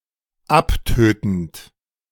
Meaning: present participle of abtöten
- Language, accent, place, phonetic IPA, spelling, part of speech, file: German, Germany, Berlin, [ˈapˌtøːtn̩t], abtötend, verb, De-abtötend.ogg